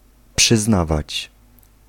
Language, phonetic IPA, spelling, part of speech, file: Polish, [pʃɨzˈnavat͡ɕ], przyznawać, verb, Pl-przyznawać.ogg